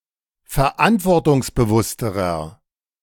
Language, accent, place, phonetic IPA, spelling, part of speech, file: German, Germany, Berlin, [fɛɐ̯ˈʔantvɔʁtʊŋsbəˌvʊstəʁɐ], verantwortungsbewussterer, adjective, De-verantwortungsbewussterer.ogg
- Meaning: inflection of verantwortungsbewusst: 1. strong/mixed nominative masculine singular comparative degree 2. strong genitive/dative feminine singular comparative degree